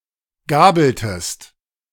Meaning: inflection of gabeln: 1. second-person singular preterite 2. second-person singular subjunctive II
- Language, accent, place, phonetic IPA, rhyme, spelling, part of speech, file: German, Germany, Berlin, [ˈɡaːbl̩təst], -aːbl̩təst, gabeltest, verb, De-gabeltest.ogg